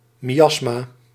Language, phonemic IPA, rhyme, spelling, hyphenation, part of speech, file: Dutch, /ˌmiˈɑs.maː/, -ɑsmaː, miasma, mi‧as‧ma, noun, Nl-miasma.ogg
- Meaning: 1. miasma (noxious atmosphere or influence) 2. miasma (emanation from rotting organic matter causing diseases)